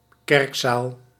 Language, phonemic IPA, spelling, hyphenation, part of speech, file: Dutch, /ˈkɛrk.saːl/, kerkzaal, kerk‧zaal, noun, Nl-kerkzaal.ogg
- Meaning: a church hall